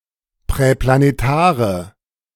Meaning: inflection of präplanetar: 1. strong/mixed nominative/accusative feminine singular 2. strong nominative/accusative plural 3. weak nominative all-gender singular
- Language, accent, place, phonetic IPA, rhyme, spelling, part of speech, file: German, Germany, Berlin, [pʁɛplaneˈtaːʁə], -aːʁə, präplanetare, adjective, De-präplanetare.ogg